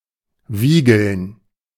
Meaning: 1. to rock, sway in a crib 2. to agitate, incite
- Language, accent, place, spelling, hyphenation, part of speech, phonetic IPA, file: German, Germany, Berlin, wiegeln, wie‧geln, verb, [ˈviːɡl̩n], De-wiegeln.ogg